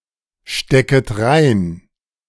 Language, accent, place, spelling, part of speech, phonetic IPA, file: German, Germany, Berlin, stecket rein, verb, [ˌʃtɛkət ˈʁaɪ̯n], De-stecket rein.ogg
- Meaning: second-person plural subjunctive I of reinstecken